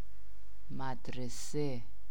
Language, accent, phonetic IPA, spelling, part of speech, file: Persian, Iran, [mæd̪.ɹe.sé], مدرسه, noun, Fa-مدرسه.ogg
- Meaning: school (teaching institution)